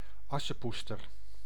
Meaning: Cinderella (fairy tale and fairy tale character)
- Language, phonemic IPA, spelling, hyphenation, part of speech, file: Dutch, /ˈɑsəˌpustər/, Assepoester, As‧se‧poes‧ter, proper noun, Nl-Assepoester.ogg